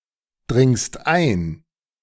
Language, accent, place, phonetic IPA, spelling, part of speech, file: German, Germany, Berlin, [ˌdʁɪŋst ˈaɪ̯n], dringst ein, verb, De-dringst ein.ogg
- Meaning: second-person singular present of eindringen